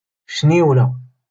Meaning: mosquito
- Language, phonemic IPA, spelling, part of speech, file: Moroccan Arabic, /ʃniːw.la/, شنيولة, noun, LL-Q56426 (ary)-شنيولة.wav